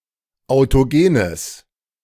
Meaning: strong/mixed nominative/accusative neuter singular of autogen
- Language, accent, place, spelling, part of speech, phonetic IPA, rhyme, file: German, Germany, Berlin, autogenes, adjective, [aʊ̯toˈɡeːnəs], -eːnəs, De-autogenes.ogg